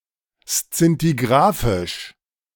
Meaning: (adjective) scintigraphic; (adverb) scintigraphically
- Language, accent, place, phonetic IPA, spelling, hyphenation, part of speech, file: German, Germany, Berlin, [ˈst͡sintiɡʁaːfɪʃ], szintigrafisch, szin‧ti‧gra‧fisch, adjective / adverb, De-szintigrafisch.ogg